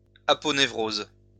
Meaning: aponeurosis
- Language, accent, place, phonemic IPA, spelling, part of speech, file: French, France, Lyon, /a.pɔ.ne.vʁoz/, aponévrose, noun, LL-Q150 (fra)-aponévrose.wav